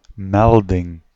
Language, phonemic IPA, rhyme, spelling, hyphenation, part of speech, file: Dutch, /ˈmɛl.dɪŋ/, -ɛldɪŋ, melding, mel‧ding, noun, Nl-melding.ogg
- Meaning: a report, notification, message, notice